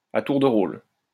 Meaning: in turn, by turns, taking turns, alternately
- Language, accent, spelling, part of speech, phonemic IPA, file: French, France, à tour de rôle, adverb, /a tuʁ də ʁol/, LL-Q150 (fra)-à tour de rôle.wav